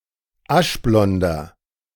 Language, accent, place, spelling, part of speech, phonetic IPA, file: German, Germany, Berlin, aschblonder, adjective, [ˈaʃˌblɔndɐ], De-aschblonder.ogg
- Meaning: inflection of aschblond: 1. strong/mixed nominative masculine singular 2. strong genitive/dative feminine singular 3. strong genitive plural